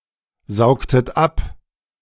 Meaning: inflection of absaugen: 1. second-person plural preterite 2. second-person plural subjunctive II
- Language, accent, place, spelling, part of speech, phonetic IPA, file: German, Germany, Berlin, saugtet ab, verb, [ˌzaʊ̯ktət ˈap], De-saugtet ab.ogg